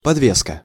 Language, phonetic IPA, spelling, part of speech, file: Russian, [pɐdˈvʲeskə], подвеска, noun, Ru-подвеска.ogg
- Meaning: 1. hanging up, suspension 2. pendant 3. suspension